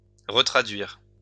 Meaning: to retranslate
- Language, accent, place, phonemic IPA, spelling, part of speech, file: French, France, Lyon, /ʁə.tʁa.dɥiʁ/, retraduire, verb, LL-Q150 (fra)-retraduire.wav